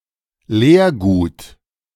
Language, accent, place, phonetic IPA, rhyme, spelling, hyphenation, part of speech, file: German, Germany, Berlin, [ˈleːɐ̯ˌɡuːt], -uːt, Leergut, Leer‧gut, noun, De-Leergut.ogg
- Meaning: empty (empty container for recycling)